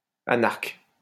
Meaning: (adjective) anarchic; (noun) anarch
- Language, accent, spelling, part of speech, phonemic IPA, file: French, France, anarque, adjective / noun, /a.naʁk/, LL-Q150 (fra)-anarque.wav